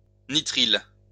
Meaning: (noun) nitrile; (verb) inflection of nitriler: 1. first/third-person singular present indicative/subjunctive 2. second-person singular imperative
- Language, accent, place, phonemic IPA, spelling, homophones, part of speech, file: French, France, Lyon, /ni.tʁil/, nitrile, nitrilent / nitriles, noun / verb, LL-Q150 (fra)-nitrile.wav